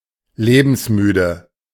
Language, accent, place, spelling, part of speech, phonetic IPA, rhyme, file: German, Germany, Berlin, lebensmüde, adjective, [ˈleːbm̩sˌmyːdə], -yːdə, De-lebensmüde.ogg
- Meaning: 1. weary of life 2. suicidal 3. extremely reckless